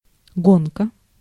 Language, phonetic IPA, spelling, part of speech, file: Russian, [ˈɡonkə], гонка, noun, Ru-гонка.ogg
- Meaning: 1. racing, race 2. rush